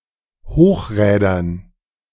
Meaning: dative plural of Hochrad
- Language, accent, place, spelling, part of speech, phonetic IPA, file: German, Germany, Berlin, Hochrädern, noun, [ˈhoːxˌʁɛːdɐn], De-Hochrädern.ogg